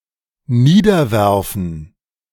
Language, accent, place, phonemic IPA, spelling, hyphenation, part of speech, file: German, Germany, Berlin, /ˈniːdɐˌvɛʁfn̩/, niederwerfen, nie‧der‧wer‧fen, verb, De-niederwerfen.ogg
- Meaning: to throw down